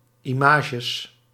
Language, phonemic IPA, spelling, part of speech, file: Dutch, /ˈɪmɪtʃəs/, images, noun, Nl-images.ogg
- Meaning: plural of image